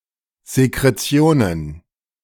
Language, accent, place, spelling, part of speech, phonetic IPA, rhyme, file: German, Germany, Berlin, Sekretionen, noun, [zekʁeˈt͡si̯oːnən], -oːnən, De-Sekretionen.ogg
- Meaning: plural of Sekretion